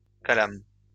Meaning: a calamus, a quill
- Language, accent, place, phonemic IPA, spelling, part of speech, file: French, France, Lyon, /ka.lam/, calame, noun, LL-Q150 (fra)-calame.wav